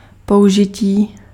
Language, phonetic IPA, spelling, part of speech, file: Czech, [ˈpou̯ʒɪciː], použití, noun / adjective, Cs-použití.ogg
- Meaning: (noun) 1. verbal noun of použít 2. use; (adjective) animate masculine nominative/vocative plural of použitý